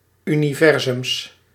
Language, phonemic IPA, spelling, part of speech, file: Dutch, /ˌyniˈvɛrzʏms/, universums, noun, Nl-universums.ogg
- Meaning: plural of universum